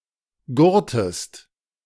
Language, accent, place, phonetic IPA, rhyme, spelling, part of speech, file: German, Germany, Berlin, [ˈɡʊʁtəst], -ʊʁtəst, gurrtest, verb, De-gurrtest.ogg
- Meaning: inflection of gurren: 1. second-person singular preterite 2. second-person singular subjunctive II